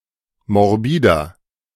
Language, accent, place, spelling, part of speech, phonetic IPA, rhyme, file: German, Germany, Berlin, morbider, adjective, [mɔʁˈbiːdɐ], -iːdɐ, De-morbider.ogg
- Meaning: 1. comparative degree of morbid 2. inflection of morbid: strong/mixed nominative masculine singular 3. inflection of morbid: strong genitive/dative feminine singular